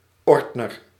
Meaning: a binder, a hard-cover folder
- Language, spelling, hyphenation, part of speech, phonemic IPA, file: Dutch, ordner, ord‧ner, noun, /ˈɔrt.nər/, Nl-ordner.ogg